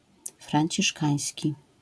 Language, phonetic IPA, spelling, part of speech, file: Polish, [frãɲˈt͡ɕiʃkaɨ̃j̃sʲci], franciszkański, adjective, LL-Q809 (pol)-franciszkański.wav